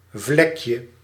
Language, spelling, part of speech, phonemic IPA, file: Dutch, vlekje, noun, /ˈvlɛkjə/, Nl-vlekje.ogg
- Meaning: diminutive of vlek